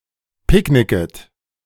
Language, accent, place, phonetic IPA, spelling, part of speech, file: German, Germany, Berlin, [ˈpɪkˌnɪkət], picknicket, verb, De-picknicket.ogg
- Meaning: second-person plural subjunctive I of picknicken